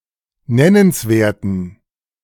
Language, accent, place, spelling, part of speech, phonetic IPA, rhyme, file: German, Germany, Berlin, nennenswerten, adjective, [ˈnɛnənsˌveːɐ̯tn̩], -ɛnənsveːɐ̯tn̩, De-nennenswerten.ogg
- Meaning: inflection of nennenswert: 1. strong genitive masculine/neuter singular 2. weak/mixed genitive/dative all-gender singular 3. strong/weak/mixed accusative masculine singular 4. strong dative plural